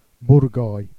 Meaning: burger
- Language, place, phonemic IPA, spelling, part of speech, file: Jèrriais, Jersey, /bur.ɡaj/, bourgaille, noun, Jer-Bourgaille.ogg